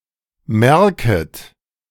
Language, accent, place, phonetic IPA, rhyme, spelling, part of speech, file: German, Germany, Berlin, [ˈmɛʁkət], -ɛʁkət, merket, verb, De-merket.ogg
- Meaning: second-person plural subjunctive I of merken